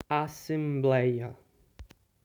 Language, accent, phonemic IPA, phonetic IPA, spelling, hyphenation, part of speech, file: Portuguese, Brazil, /a.sẽˈblɛj.ɐ/, [a.sẽˈblɛɪ̯.ɐ], assembleia, as‧sem‧blei‧a, noun, PT-assembleia.ogg
- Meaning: assembly